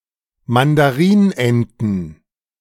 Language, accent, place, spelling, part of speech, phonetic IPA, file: German, Germany, Berlin, Mandarinenten, noun, [mandaˈʁiːnˌʔɛntn̩], De-Mandarinenten.ogg
- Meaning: plural of Mandarinente